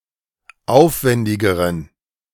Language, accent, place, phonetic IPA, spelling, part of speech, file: German, Germany, Berlin, [ˈaʊ̯fˌvɛndɪɡəʁən], aufwendigeren, adjective, De-aufwendigeren.ogg
- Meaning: inflection of aufwendig: 1. strong genitive masculine/neuter singular comparative degree 2. weak/mixed genitive/dative all-gender singular comparative degree